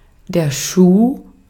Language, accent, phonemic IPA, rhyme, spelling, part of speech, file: German, Austria, /ʃuː/, -uː, Schuh, noun, De-at-Schuh.ogg
- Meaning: shoe